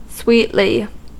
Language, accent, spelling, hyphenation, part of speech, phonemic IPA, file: English, US, sweetly, sweet‧ly, adverb, /ˈswiːtli/, En-us-sweetly.ogg
- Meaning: 1. With a sweet taste or aroma 2. In a sweet or pleasant manner 3. Nicely; finely; excellently